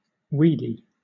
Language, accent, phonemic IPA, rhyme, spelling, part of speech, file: English, Southern England, /ˈwiːdi/, -iːdi, weedy, adjective, LL-Q1860 (eng)-weedy.wav
- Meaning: 1. Abounding with weeds 2. Of, relating to or resembling weeds 3. Consisting of weeds